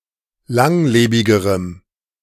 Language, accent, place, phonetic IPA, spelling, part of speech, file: German, Germany, Berlin, [ˈlaŋˌleːbɪɡəʁəm], langlebigerem, adjective, De-langlebigerem.ogg
- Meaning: strong dative masculine/neuter singular comparative degree of langlebig